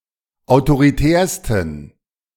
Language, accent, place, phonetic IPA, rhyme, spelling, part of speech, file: German, Germany, Berlin, [aʊ̯toʁiˈtɛːɐ̯stn̩], -ɛːɐ̯stn̩, autoritärsten, adjective, De-autoritärsten.ogg
- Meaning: 1. superlative degree of autoritär 2. inflection of autoritär: strong genitive masculine/neuter singular superlative degree